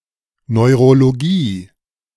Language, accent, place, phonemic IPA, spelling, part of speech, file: German, Germany, Berlin, /ˌnɔɪ̯̯ʁoloˈɡiː/, Neurologie, noun, De-Neurologie.ogg
- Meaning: neurology (branch of medicine that deals with the nervous system and its disorders)